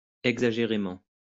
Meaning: exaggeratedly (in an exaggerated way)
- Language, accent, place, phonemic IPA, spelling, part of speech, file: French, France, Lyon, /ɛɡ.za.ʒe.ʁe.mɑ̃/, exagérément, adverb, LL-Q150 (fra)-exagérément.wav